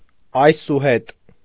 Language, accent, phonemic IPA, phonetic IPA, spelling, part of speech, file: Armenian, Eastern Armenian, /ɑjsuˈhet/, [ɑjsuhét], այսուհետ, adverb, Hy-այսուհետ.ogg
- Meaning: synonym of այսուհետեւ (aysuhetew)